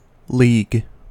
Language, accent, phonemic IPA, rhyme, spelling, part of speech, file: English, US, /liːɡ/, -iːɡ, league, noun / verb / adjective, En-us-league.ogg
- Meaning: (noun) 1. A group or association of cooperating members 2. An organization of sports teams which play against one another for a championship 3. Ellipsis of rugby league